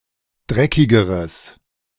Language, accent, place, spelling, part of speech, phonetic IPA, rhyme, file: German, Germany, Berlin, dreckigeres, adjective, [ˈdʁɛkɪɡəʁəs], -ɛkɪɡəʁəs, De-dreckigeres.ogg
- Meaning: strong/mixed nominative/accusative neuter singular comparative degree of dreckig